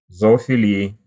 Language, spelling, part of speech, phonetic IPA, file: Russian, зоофилии, noun, [zɐɐfʲɪˈlʲiɪ], Ru-зоофилии.ogg
- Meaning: inflection of зоофили́я (zoofilíja): 1. genitive/dative/prepositional singular 2. nominative/accusative plural